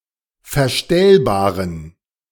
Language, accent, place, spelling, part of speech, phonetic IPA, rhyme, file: German, Germany, Berlin, verstellbaren, adjective, [fɛɐ̯ˈʃtɛlbaːʁən], -ɛlbaːʁən, De-verstellbaren.ogg
- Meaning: inflection of verstellbar: 1. strong genitive masculine/neuter singular 2. weak/mixed genitive/dative all-gender singular 3. strong/weak/mixed accusative masculine singular 4. strong dative plural